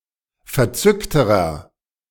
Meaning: inflection of verzückt: 1. strong/mixed nominative masculine singular comparative degree 2. strong genitive/dative feminine singular comparative degree 3. strong genitive plural comparative degree
- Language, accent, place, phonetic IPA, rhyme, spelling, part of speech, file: German, Germany, Berlin, [fɛɐ̯ˈt͡sʏktəʁɐ], -ʏktəʁɐ, verzückterer, adjective, De-verzückterer.ogg